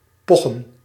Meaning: to brag
- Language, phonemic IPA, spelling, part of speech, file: Dutch, /ˈpɔxə(n)/, pochen, verb, Nl-pochen.ogg